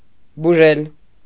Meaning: to cure, to heal
- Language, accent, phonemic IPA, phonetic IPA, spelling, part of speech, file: Armenian, Eastern Armenian, /buˈʒel/, [buʒél], բուժել, verb, Hy-բուժել.ogg